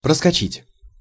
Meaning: 1. to rush, to dart, to dash, to fly, to shoot 2. to go (past), to leave (behind), to cross, to make it (across) 3. to miss, to overshoot 4. to fall (through, between)
- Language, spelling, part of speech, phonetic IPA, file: Russian, проскочить, verb, [prəskɐˈt͡ɕitʲ], Ru-проскочить.ogg